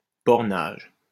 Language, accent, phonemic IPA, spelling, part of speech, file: French, France, /bɔʁ.naʒ/, bornage, noun, LL-Q150 (fra)-bornage.wav
- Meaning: demarcation (of a boundary)